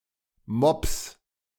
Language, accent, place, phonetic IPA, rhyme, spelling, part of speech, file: German, Germany, Berlin, [mɔps], -ɔps, Mopps, noun, De-Mopps.ogg
- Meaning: plural of Mopp